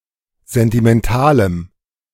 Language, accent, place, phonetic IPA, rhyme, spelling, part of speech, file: German, Germany, Berlin, [ˌzɛntimɛnˈtaːləm], -aːləm, sentimentalem, adjective, De-sentimentalem.ogg
- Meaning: strong dative masculine/neuter singular of sentimental